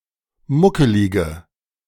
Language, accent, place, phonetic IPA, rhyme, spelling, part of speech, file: German, Germany, Berlin, [ˈmʊkəlɪɡə], -ʊkəlɪɡə, muckelige, adjective, De-muckelige.ogg
- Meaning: inflection of muckelig: 1. strong/mixed nominative/accusative feminine singular 2. strong nominative/accusative plural 3. weak nominative all-gender singular